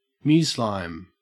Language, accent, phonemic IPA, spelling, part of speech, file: English, Australia, /ˈmʊslaɪm/, Muslime, noun, En-au-Muslime.ogg
- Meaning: Muslim